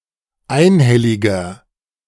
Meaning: 1. comparative degree of einhellig 2. inflection of einhellig: strong/mixed nominative masculine singular 3. inflection of einhellig: strong genitive/dative feminine singular
- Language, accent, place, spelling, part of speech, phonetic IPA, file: German, Germany, Berlin, einhelliger, adjective, [ˈaɪ̯nˌhɛlɪɡɐ], De-einhelliger.ogg